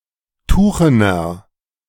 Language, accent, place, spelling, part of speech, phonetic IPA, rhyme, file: German, Germany, Berlin, tuchener, adjective, [ˈtuːxənɐ], -uːxənɐ, De-tuchener.ogg
- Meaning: inflection of tuchen: 1. strong/mixed nominative masculine singular 2. strong genitive/dative feminine singular 3. strong genitive plural